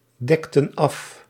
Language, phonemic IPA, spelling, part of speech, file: Dutch, /ˈdɛktə(n) ˈɑf/, dekten af, verb, Nl-dekten af.ogg
- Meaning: inflection of afdekken: 1. plural past indicative 2. plural past subjunctive